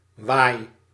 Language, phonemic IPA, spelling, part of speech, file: Dutch, /ʋaɪ/, waai, noun / verb, Nl-waai.ogg
- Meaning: inflection of waaien: 1. first-person singular present indicative 2. second-person singular present indicative 3. imperative